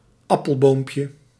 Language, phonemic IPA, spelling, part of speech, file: Dutch, /ˈɑpəlbompjə/, appelboompje, noun, Nl-appelboompje.ogg
- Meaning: diminutive of appelboom